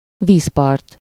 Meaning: bank, riverside, shore, coast, seaside, beach, waterfront
- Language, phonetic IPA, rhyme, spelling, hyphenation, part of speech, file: Hungarian, [ˈviːspɒrt], -ɒrt, vízpart, víz‧part, noun, Hu-vízpart.ogg